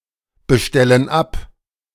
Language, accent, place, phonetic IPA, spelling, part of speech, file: German, Germany, Berlin, [bəˌʃtɛlən ˈap], bestellen ab, verb, De-bestellen ab.ogg
- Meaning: inflection of abbestellen: 1. first/third-person plural present 2. first/third-person plural subjunctive I